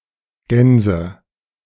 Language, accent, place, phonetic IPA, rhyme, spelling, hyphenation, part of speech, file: German, Germany, Berlin, [ˈɡɛnzə], -ɛnzə, Gänse, Gän‧se, noun, De-Gänse2.ogg
- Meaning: nominative/accusative/genitive plural of Gans